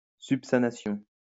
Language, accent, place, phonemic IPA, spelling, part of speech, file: French, France, Lyon, /syp.sa.na.sjɔ̃/, subsannation, noun, LL-Q150 (fra)-subsannation.wav
- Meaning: derision; mockery